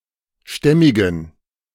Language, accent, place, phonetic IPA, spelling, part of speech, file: German, Germany, Berlin, [ˈʃtɛmɪɡn̩], stämmigen, adjective, De-stämmigen.ogg
- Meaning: inflection of stämmig: 1. strong genitive masculine/neuter singular 2. weak/mixed genitive/dative all-gender singular 3. strong/weak/mixed accusative masculine singular 4. strong dative plural